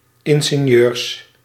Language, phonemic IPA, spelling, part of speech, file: Dutch, /ˌɪŋɣeˈɲørs/, ingenieurs, noun, Nl-ingenieurs.ogg
- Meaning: plural of ingenieur